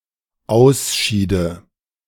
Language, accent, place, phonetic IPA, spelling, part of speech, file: German, Germany, Berlin, [ˈaʊ̯sˌʃiːdə], ausschiede, verb, De-ausschiede.ogg
- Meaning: first/third-person singular dependent subjunctive II of ausscheiden